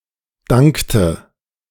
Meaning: inflection of danken: 1. first/third-person singular preterite 2. first/third-person singular subjunctive II
- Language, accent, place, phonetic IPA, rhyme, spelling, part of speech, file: German, Germany, Berlin, [ˈdaŋktə], -aŋktə, dankte, verb, De-dankte.ogg